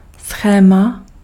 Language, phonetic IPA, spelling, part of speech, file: Czech, [ˈsxɛːma], schéma, noun, Cs-schéma.ogg
- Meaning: 1. schema, diagram (a plan, drawing, sketch or outline to show how something works, or show the relationships between the parts of a whole) 2. schema